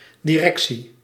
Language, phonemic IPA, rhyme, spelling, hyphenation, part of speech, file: Dutch, /diˈrɛksi/, -ɛksi, directie, di‧rec‧tie, noun, Nl-directie.ogg
- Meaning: management (administration; the process or practice of managing)